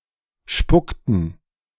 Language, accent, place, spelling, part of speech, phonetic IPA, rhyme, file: German, Germany, Berlin, spuckten, verb, [ˈʃpʊktn̩], -ʊktn̩, De-spuckten.ogg
- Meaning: inflection of spucken: 1. first/third-person plural preterite 2. first/third-person plural subjunctive II